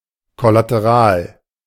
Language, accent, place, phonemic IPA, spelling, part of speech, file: German, Germany, Berlin, /kɔlatəˈʁaːl/, kollateral, adjective, De-kollateral.ogg
- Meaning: collateral